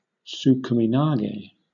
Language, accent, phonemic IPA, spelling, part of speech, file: English, Southern England, /ˌ(t)suːkəmɪˈnɑːɡeɪ/, tsukaminage, noun, LL-Q1860 (eng)-tsukaminage.wav
- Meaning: A kimarite in which the attacker pulls his opponent past him and heaves him into the air